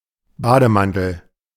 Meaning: bathrobe (US), dressing gown (UK)
- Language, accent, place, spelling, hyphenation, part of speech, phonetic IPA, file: German, Germany, Berlin, Bademantel, Ba‧de‧man‧tel, noun, [ˈbaːdəˌmantl̩], De-Bademantel.ogg